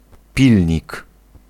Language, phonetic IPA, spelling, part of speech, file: Polish, [ˈpʲilʲɲik], pilnik, noun, Pl-pilnik.ogg